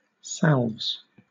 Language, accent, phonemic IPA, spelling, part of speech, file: English, Southern England, /sæ(l)vz/, salves, noun, LL-Q1860 (eng)-salves.wav
- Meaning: plural of salve